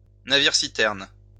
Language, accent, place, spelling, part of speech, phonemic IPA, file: French, France, Lyon, navire-citerne, noun, /na.viʁ.si.tɛʁn/, LL-Q150 (fra)-navire-citerne.wav
- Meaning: tanker (vessel)